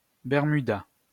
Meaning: Bermuda shorts
- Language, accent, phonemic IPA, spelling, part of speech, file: French, France, /bɛʁ.my.da/, bermuda, noun, LL-Q150 (fra)-bermuda.wav